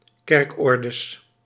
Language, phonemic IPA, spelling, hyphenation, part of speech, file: Dutch, /ˈkɛrkˌɔrdəs/, kerkordes, kerk‧or‧des, noun, Nl-kerkordes.ogg
- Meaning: plural of kerkorde